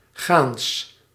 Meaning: walking, going on foot
- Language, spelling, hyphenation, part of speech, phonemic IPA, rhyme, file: Dutch, gaans, gaans, adverb, /ɣaːns/, -aːns, Nl-gaans.ogg